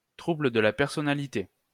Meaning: personality disorder
- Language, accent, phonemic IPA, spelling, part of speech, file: French, France, /tʁu.blə d(ə) la pɛʁ.sɔ.na.li.te/, trouble de la personnalité, noun, LL-Q150 (fra)-trouble de la personnalité.wav